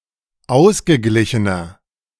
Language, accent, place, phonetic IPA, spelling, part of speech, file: German, Germany, Berlin, [ˈaʊ̯sɡəˌɡlɪçənɐ], ausgeglichener, adjective, De-ausgeglichener.ogg
- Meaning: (adjective) 1. comparative degree of ausgeglichen 2. inflection of ausgeglichen: strong/mixed nominative masculine singular 3. inflection of ausgeglichen: strong genitive/dative feminine singular